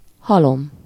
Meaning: heap, pile
- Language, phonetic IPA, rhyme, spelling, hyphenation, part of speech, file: Hungarian, [ˈhɒlom], -om, halom, ha‧lom, noun, Hu-halom.ogg